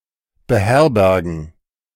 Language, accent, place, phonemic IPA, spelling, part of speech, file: German, Germany, Berlin, /bəˈhɛʁbɛʁɡən/, beherbergen, verb, De-beherbergen.ogg
- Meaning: to shelter, put up, to harbour